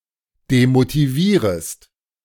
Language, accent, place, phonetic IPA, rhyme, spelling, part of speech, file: German, Germany, Berlin, [demotiˈviːʁəst], -iːʁəst, demotivierest, verb, De-demotivierest.ogg
- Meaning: second-person singular subjunctive I of demotivieren